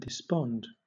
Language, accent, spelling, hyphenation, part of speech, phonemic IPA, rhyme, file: English, Southern England, despond, de‧spond, verb / noun, /dɪˈspɒnd/, -ɒnd, LL-Q1860 (eng)-despond.wav
- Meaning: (verb) To give up the will, courage, or spirit; to become dejected, lose heart; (noun) Despondency